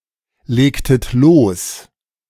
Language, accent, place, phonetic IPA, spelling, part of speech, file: German, Germany, Berlin, [ˌleːktət ˈloːs], legtet los, verb, De-legtet los.ogg
- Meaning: inflection of loslegen: 1. second-person plural preterite 2. second-person plural subjunctive II